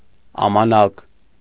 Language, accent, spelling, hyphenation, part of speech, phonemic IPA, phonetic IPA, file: Armenian, Eastern Armenian, ամանակ, ա‧մա‧նակ, noun, /ɑmɑˈnɑk/, [ɑmɑnɑ́k], Hy-ամանակ.ogg
- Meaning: 1. mora 2. measure, rate of movement, tempo, time